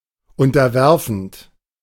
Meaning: present participle of unterwerfen
- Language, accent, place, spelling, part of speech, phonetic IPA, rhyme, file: German, Germany, Berlin, unterwerfend, verb, [ˌʊntɐˈvɛʁfn̩t], -ɛʁfn̩t, De-unterwerfend.ogg